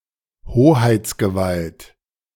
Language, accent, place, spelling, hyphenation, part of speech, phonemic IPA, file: German, Germany, Berlin, Hoheitsgewalt, Ho‧heits‧ge‧walt, noun, /ˈhoːhaɪ̯t͡sɡəˌvalt/, De-Hoheitsgewalt.ogg
- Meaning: sovereign jurisdiction